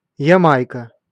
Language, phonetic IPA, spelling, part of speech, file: Russian, [(j)ɪˈmajkə], Ямайка, proper noun, Ru-Ямайка.ogg
- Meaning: Jamaica (an island and country in the Caribbean)